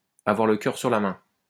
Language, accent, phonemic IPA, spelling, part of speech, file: French, France, /a.vwaʁ lə kœʁ syʁ la mɛ̃/, avoir le cœur sur la main, verb, LL-Q150 (fra)-avoir le cœur sur la main.wav
- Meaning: to be open-handed, to be generous